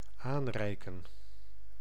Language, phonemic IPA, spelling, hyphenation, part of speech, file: Dutch, /ˈaːnˌrɛi̯kə(n)/, aanreiken, aan‧rei‧ken, verb, Nl-aanreiken.ogg
- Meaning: to pass, to hand over